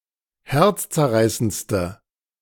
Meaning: inflection of herzzerreißend: 1. strong/mixed nominative/accusative feminine singular superlative degree 2. strong nominative/accusative plural superlative degree
- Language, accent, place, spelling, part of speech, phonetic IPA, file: German, Germany, Berlin, herzzerreißendste, adjective, [ˈhɛʁt͡st͡sɛɐ̯ˌʁaɪ̯sənt͡stə], De-herzzerreißendste.ogg